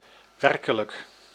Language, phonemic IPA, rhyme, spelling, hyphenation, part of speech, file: Dutch, /ˈʋɛr.kə.lək/, -ɛrkələk, werkelijk, wer‧ke‧lijk, adjective / adverb, Nl-werkelijk.ogg
- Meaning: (adjective) real, actual; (adverb) really, truly